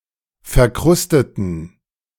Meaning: inflection of verkrustet: 1. strong genitive masculine/neuter singular 2. weak/mixed genitive/dative all-gender singular 3. strong/weak/mixed accusative masculine singular 4. strong dative plural
- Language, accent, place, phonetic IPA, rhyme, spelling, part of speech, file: German, Germany, Berlin, [fɛɐ̯ˈkʁʊstətn̩], -ʊstətn̩, verkrusteten, adjective / verb, De-verkrusteten.ogg